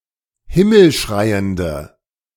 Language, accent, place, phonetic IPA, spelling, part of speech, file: German, Germany, Berlin, [ˈhɪml̩ˌʃʁaɪ̯əndə], himmelschreiende, adjective, De-himmelschreiende.ogg
- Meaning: inflection of himmelschreiend: 1. strong/mixed nominative/accusative feminine singular 2. strong nominative/accusative plural 3. weak nominative all-gender singular